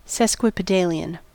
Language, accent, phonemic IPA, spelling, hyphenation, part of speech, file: English, General American, /ˌsɛs.kwɪ.pɪˈdeɪ.lɪ.ən/, sesquipedalian, ses‧qui‧pe‧da‧li‧an, adjective / noun, En-us-sesquipedalian.ogg
- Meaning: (adjective) 1. Long; polysyllabic 2. Pertaining to or given to the use of overly long words; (noun) 1. A long word 2. A person who uses long words